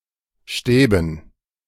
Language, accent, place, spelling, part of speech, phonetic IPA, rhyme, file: German, Germany, Berlin, Stäben, noun, [ˈʃtɛːbn̩], -ɛːbn̩, De-Stäben.ogg
- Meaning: dative plural of Stab